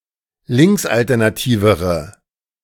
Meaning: inflection of linksalternativ: 1. strong/mixed nominative/accusative feminine singular comparative degree 2. strong nominative/accusative plural comparative degree
- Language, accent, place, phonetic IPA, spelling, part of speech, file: German, Germany, Berlin, [ˈlɪŋksʔaltɛʁnaˌtiːvəʁə], linksalternativere, adjective, De-linksalternativere.ogg